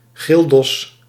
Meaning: a decorated ox, (to be) slaughtered for a meal at a guild
- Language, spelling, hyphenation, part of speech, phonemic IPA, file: Dutch, gildos, gild‧os, noun, /ˈɣɪlt.ɔs/, Nl-gildos.ogg